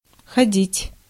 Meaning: 1. to go, to walk 2. to wear something (imperfective only) 3. to go (to), to attend, to visit 4. to run (of trains, ships, etc.) 5. to work, to run (of clocks) 6. to lead, to play, to move (in games)
- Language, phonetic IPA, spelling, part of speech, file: Russian, [xɐˈdʲitʲ], ходить, verb, Ru-ходить.ogg